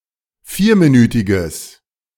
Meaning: strong/mixed nominative/accusative neuter singular of vierminütig
- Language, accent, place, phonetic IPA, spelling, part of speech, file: German, Germany, Berlin, [ˈfiːɐ̯miˌnyːtɪɡəs], vierminütiges, adjective, De-vierminütiges.ogg